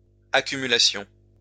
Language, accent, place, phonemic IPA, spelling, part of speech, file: French, France, Lyon, /a.ky.my.la.sjɔ̃/, accumulassions, verb, LL-Q150 (fra)-accumulassions.wav
- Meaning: first-person plural imperfect subjunctive of accumuler